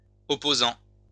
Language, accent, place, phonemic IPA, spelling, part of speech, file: French, France, Lyon, /ɔ.po.zɑ̃/, opposants, noun, LL-Q150 (fra)-opposants.wav
- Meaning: plural of opposant